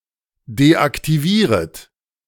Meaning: second-person plural subjunctive I of deaktivieren
- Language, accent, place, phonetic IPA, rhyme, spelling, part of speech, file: German, Germany, Berlin, [deʔaktiˈviːʁət], -iːʁət, deaktivieret, verb, De-deaktivieret.ogg